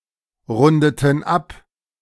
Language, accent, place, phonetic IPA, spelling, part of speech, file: German, Germany, Berlin, [ˌʁʊndətn̩ ˈap], rundeten ab, verb, De-rundeten ab.ogg
- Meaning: inflection of abrunden: 1. first/third-person plural preterite 2. first/third-person plural subjunctive II